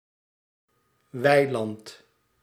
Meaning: pasture
- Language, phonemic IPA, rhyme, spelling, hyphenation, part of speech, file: Dutch, /ˈʋɛi̯.lɑnt/, -ɛi̯lɑnt, weiland, wei‧land, noun, Nl-weiland.ogg